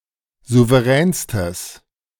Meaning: strong/mixed nominative/accusative neuter singular superlative degree of souverän
- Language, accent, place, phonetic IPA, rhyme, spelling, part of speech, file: German, Germany, Berlin, [ˌzuvəˈʁɛːnstəs], -ɛːnstəs, souveränstes, adjective, De-souveränstes.ogg